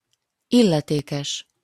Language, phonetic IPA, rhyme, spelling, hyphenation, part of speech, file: Hungarian, [ˈilːɛteːkɛʃ], -ɛʃ, illetékes, il‧le‧té‧kes, adjective / noun, Hu-illetékes.opus
- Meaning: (adjective) competent, qualified, responsible, authorized to; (noun) authorities, the powers that be (the bodies that have political or administrative power and control in a particular sphere)